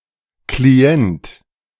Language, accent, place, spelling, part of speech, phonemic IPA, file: German, Germany, Berlin, Klient, noun, /kliˈɛnt/, De-Klient.ogg
- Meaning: client